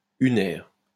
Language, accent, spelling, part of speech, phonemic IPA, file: French, France, unaire, adjective, /y.nɛʁ/, LL-Q150 (fra)-unaire.wav
- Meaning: unary